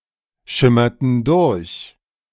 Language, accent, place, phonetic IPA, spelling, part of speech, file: German, Germany, Berlin, [ˌʃɪmɐtn̩ ˈdʊʁç], schimmerten durch, verb, De-schimmerten durch.ogg
- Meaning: inflection of durchschimmern: 1. first/third-person plural preterite 2. first/third-person plural subjunctive II